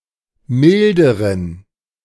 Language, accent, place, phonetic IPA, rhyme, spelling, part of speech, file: German, Germany, Berlin, [ˈmɪldəʁən], -ɪldəʁən, milderen, adjective, De-milderen.ogg
- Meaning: inflection of mild: 1. strong genitive masculine/neuter singular comparative degree 2. weak/mixed genitive/dative all-gender singular comparative degree